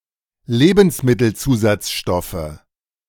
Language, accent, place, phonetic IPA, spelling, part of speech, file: German, Germany, Berlin, [ˈleːbn̩smɪtl̩ˌt͡suːzat͡sʃtɔfə], Lebensmittelzusatzstoffe, noun, De-Lebensmittelzusatzstoffe.ogg
- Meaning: nominative/accusative/genitive plural of Lebensmittelzusatzstoff